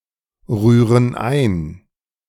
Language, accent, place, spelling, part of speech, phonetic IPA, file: German, Germany, Berlin, rühren ein, verb, [ˌʁyːʁən ˈaɪ̯n], De-rühren ein.ogg
- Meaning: inflection of einrühren: 1. first/third-person plural present 2. first/third-person plural subjunctive I